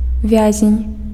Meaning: prisoner
- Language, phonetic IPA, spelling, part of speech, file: Belarusian, [ˈvʲazʲenʲ], вязень, noun, Be-вязень.ogg